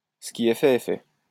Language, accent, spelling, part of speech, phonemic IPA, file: French, France, ce qui est fait est fait, proverb, /sə ki ɛ fɛ ɛ fɛ/, LL-Q150 (fra)-ce qui est fait est fait.wav
- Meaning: what's done is done; it's no use crying over spilt milk